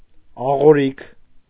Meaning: 1. mill 2. molar
- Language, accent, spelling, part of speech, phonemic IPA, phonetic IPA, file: Armenian, Eastern Armenian, աղորիք, noun, /ɑʁoˈɾikʰ/, [ɑʁoɾíkʰ], Hy-աղորիք.ogg